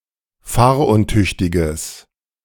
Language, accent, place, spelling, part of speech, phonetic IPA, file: German, Germany, Berlin, fahruntüchtiges, adjective, [ˈfaːɐ̯ʔʊnˌtʏçtɪɡəs], De-fahruntüchtiges.ogg
- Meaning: strong/mixed nominative/accusative neuter singular of fahruntüchtig